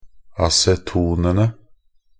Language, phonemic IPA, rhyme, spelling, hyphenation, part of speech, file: Norwegian Bokmål, /asɛˈtuːnənə/, -ənə, acetonene, a‧ce‧to‧ne‧ne, noun, Nb-acetonene.ogg
- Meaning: definite plural of aceton